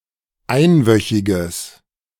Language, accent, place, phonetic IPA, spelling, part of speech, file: German, Germany, Berlin, [ˈaɪ̯nˌvœçɪɡəs], einwöchiges, adjective, De-einwöchiges.ogg
- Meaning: strong/mixed nominative/accusative neuter singular of einwöchig